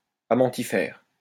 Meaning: amentiferous
- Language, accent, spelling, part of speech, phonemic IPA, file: French, France, amentifère, adjective, /a.mɑ̃.ti.fɛʁ/, LL-Q150 (fra)-amentifère.wav